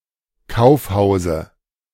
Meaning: dative singular of Kaufhaus
- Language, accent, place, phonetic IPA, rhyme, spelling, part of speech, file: German, Germany, Berlin, [ˈkaʊ̯fˌhaʊ̯zə], -aʊ̯fhaʊ̯zə, Kaufhause, noun, De-Kaufhause.ogg